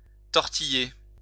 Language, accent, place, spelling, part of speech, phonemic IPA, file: French, France, Lyon, tortiller, verb, /tɔʁ.ti.je/, LL-Q150 (fra)-tortiller.wav
- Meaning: 1. to twist, twirl 2. to wriggle, squirm, writhe